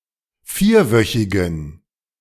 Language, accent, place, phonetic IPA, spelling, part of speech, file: German, Germany, Berlin, [ˈfiːɐ̯ˌvœçɪɡn̩], vierwöchigen, adjective, De-vierwöchigen.ogg
- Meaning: inflection of vierwöchig: 1. strong genitive masculine/neuter singular 2. weak/mixed genitive/dative all-gender singular 3. strong/weak/mixed accusative masculine singular 4. strong dative plural